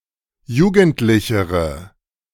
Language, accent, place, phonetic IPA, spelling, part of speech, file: German, Germany, Berlin, [ˈjuːɡn̩tlɪçəʁə], jugendlichere, adjective, De-jugendlichere.ogg
- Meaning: inflection of jugendlich: 1. strong/mixed nominative/accusative feminine singular comparative degree 2. strong nominative/accusative plural comparative degree